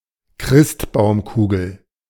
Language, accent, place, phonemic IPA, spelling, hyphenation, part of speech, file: German, Germany, Berlin, /ˈkʁɪstbaʊ̯mˌkuːɡl̩/, Christbaumkugel, Christ‧baum‧ku‧gel, noun, De-Christbaumkugel.ogg
- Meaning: A bauble, shiny spherical decoration, commonly used for Christmas decorations, especially Christmas trees